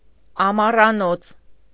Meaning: 1. summerhouse 2. country house; dacha
- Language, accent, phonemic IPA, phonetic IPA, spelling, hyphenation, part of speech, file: Armenian, Eastern Armenian, /ɑmɑrɑˈnot͡sʰ/, [ɑmɑrɑnót͡sʰ], ամառանոց, ա‧մա‧ռա‧նոց, noun, Hy-ամառանոց.ogg